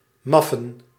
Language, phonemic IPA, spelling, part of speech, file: Dutch, /ˈmɑ.fə(n)/, maffen, verb, Nl-maffen.ogg
- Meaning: to sleep